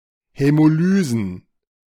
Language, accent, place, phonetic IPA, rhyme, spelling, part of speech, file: German, Germany, Berlin, [hɛmoˈlyːzn̩], -yːzn̩, Hämolysen, noun, De-Hämolysen.ogg
- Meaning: plural of Hämolyse